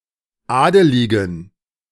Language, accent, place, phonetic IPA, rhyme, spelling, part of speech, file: German, Germany, Berlin, [ˈaːdəlɪɡn̩], -aːdəlɪɡn̩, adeligen, adjective, De-adeligen.ogg
- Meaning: inflection of adelig: 1. strong genitive masculine/neuter singular 2. weak/mixed genitive/dative all-gender singular 3. strong/weak/mixed accusative masculine singular 4. strong dative plural